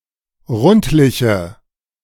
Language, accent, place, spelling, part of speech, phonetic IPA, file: German, Germany, Berlin, rundliche, adjective, [ˈʁʊntlɪçə], De-rundliche.ogg
- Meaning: inflection of rundlich: 1. strong/mixed nominative/accusative feminine singular 2. strong nominative/accusative plural 3. weak nominative all-gender singular